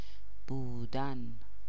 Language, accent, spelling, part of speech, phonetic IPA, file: Persian, Iran, بودن, verb, [buː.d̪ǽn], Fa-بودن.ogg
- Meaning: 1. to exist 2. to be (See the Usage Notes)